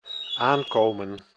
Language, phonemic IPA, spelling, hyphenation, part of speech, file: Dutch, /ˈaːŋkoːmə(n)/, aankomen, aan‧ko‧men, verb, Nl-aankomen.ogg
- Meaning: 1. to arrive 2. to depend 3. to gain weight 4. to grow 5. to be acquired